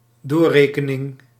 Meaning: 1. calculation, reckoning 2. transmission, transiting, the act of passing something through to a third party
- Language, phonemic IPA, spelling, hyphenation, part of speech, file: Dutch, /ˈdoːˌreː.kə.nɪŋ/, doorrekening, door‧re‧ke‧ning, noun, Nl-doorrekening.ogg